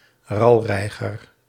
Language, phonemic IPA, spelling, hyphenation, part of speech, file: Dutch, /ˈrɑlˌrɛi̯.ɣər/, ralreiger, ral‧rei‧ger, noun, Nl-ralreiger.ogg
- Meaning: 1. squacco heron (Ardeola ralloides) 2. Any of the herons of the genus Ardeola